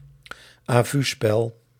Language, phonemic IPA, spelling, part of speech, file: Dutch, /ˌaːˈvy.spɛl/, à-vuespel, noun, Nl-à-vuespel.ogg
- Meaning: sight reading